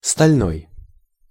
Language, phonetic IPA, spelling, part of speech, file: Russian, [stɐlʲˈnoj], стальной, adjective, Ru-стальной.ogg
- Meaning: 1. steel 2. steel, iron